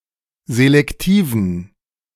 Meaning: inflection of selektiv: 1. strong genitive masculine/neuter singular 2. weak/mixed genitive/dative all-gender singular 3. strong/weak/mixed accusative masculine singular 4. strong dative plural
- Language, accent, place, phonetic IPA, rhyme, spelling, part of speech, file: German, Germany, Berlin, [zelɛkˈtiːvn̩], -iːvn̩, selektiven, adjective, De-selektiven.ogg